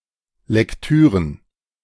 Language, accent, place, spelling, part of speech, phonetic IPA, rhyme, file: German, Germany, Berlin, Lektüren, noun, [lɛkˈtyːʁən], -yːʁən, De-Lektüren.ogg
- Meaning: plural of Lektüre